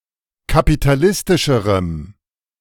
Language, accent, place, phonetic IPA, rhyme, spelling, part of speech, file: German, Germany, Berlin, [kapitaˈlɪstɪʃəʁəm], -ɪstɪʃəʁəm, kapitalistischerem, adjective, De-kapitalistischerem.ogg
- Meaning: strong dative masculine/neuter singular comparative degree of kapitalistisch